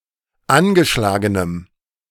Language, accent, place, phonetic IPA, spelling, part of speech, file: German, Germany, Berlin, [ˈanɡəˌʃlaːɡənəm], angeschlagenem, adjective, De-angeschlagenem.ogg
- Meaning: strong dative masculine/neuter singular of angeschlagen